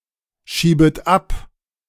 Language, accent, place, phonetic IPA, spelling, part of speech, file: German, Germany, Berlin, [ˌʃiːbət ˈap], schiebet ab, verb, De-schiebet ab.ogg
- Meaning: second-person plural subjunctive I of abschieben